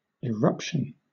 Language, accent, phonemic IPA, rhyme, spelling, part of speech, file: English, Southern England, /ɪˈɹʌpʃən/, -ʌpʃən, eruption, noun, LL-Q1860 (eng)-eruption.wav
- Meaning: 1. A violent ejection, such as the spurting out of lava from a volcano 2. A sudden release of pressure or tension 3. An utterance, especially a sudden one; an ejaculation